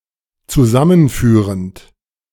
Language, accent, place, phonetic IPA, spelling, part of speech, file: German, Germany, Berlin, [t͡suˈzamənˌfyːʁənt], zusammenführend, verb, De-zusammenführend.ogg
- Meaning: present participle of zusammenführen